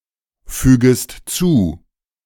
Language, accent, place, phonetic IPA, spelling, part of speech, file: German, Germany, Berlin, [ˌfyːɡəst ˈt͡suː], fügest zu, verb, De-fügest zu.ogg
- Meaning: second-person singular subjunctive I of zufügen